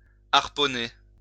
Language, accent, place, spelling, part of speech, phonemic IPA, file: French, France, Lyon, harponner, verb, /aʁ.pɔ.ne/, LL-Q150 (fra)-harponner.wav
- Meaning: to harpoon